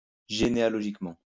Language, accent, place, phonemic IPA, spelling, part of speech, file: French, France, Lyon, /ʒe.ne.a.lɔ.ʒik.mɑ̃/, généalogiquement, adverb, LL-Q150 (fra)-généalogiquement.wav
- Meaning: genealogically (with respect to genealogy)